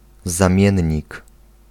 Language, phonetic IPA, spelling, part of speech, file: Polish, [zãˈmʲjɛ̇̃ɲːik], zamiennik, noun, Pl-zamiennik.ogg